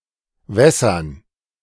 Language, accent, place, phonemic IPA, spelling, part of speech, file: German, Germany, Berlin, /ˈvɛsɐn/, wässern, verb, De-wässern.ogg
- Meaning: to water